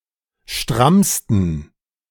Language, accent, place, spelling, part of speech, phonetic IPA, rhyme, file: German, Germany, Berlin, strammsten, adjective, [ˈʃtʁamstn̩], -amstn̩, De-strammsten.ogg
- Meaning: 1. superlative degree of stramm 2. inflection of stramm: strong genitive masculine/neuter singular superlative degree